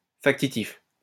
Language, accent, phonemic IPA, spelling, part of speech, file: French, France, /fak.ti.tif/, factitif, adjective / noun, LL-Q150 (fra)-factitif.wav
- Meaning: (adjective) causative; factitive (said of a verb where the subject is made to do the action); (noun) causative; factitive (verbal mode where the subject causes the action to be done)